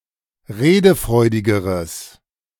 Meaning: strong/mixed nominative/accusative neuter singular comparative degree of redefreudig
- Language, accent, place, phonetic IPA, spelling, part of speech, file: German, Germany, Berlin, [ˈʁeːdəˌfʁɔɪ̯dɪɡəʁəs], redefreudigeres, adjective, De-redefreudigeres.ogg